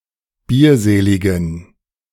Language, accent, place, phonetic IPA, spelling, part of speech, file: German, Germany, Berlin, [ˈbiːɐ̯ˌzeːlɪɡn̩], bierseligen, adjective, De-bierseligen.ogg
- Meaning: inflection of bierselig: 1. strong genitive masculine/neuter singular 2. weak/mixed genitive/dative all-gender singular 3. strong/weak/mixed accusative masculine singular 4. strong dative plural